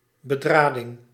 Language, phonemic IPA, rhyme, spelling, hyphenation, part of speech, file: Dutch, /bəˈdraː.dɪŋ/, -aːdɪŋ, bedrading, be‧dra‧ding, noun, Nl-bedrading.ogg
- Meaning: wiring, totality or mass of electrical cords